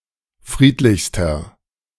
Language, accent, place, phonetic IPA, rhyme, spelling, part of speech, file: German, Germany, Berlin, [ˈfʁiːtlɪçstɐ], -iːtlɪçstɐ, friedlichster, adjective, De-friedlichster.ogg
- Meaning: inflection of friedlich: 1. strong/mixed nominative masculine singular superlative degree 2. strong genitive/dative feminine singular superlative degree 3. strong genitive plural superlative degree